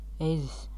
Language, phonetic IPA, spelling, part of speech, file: Latvian, [ɛzis], ezis, noun, Lv-ezis.ogg
- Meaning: hedgehog (small spiny mammal)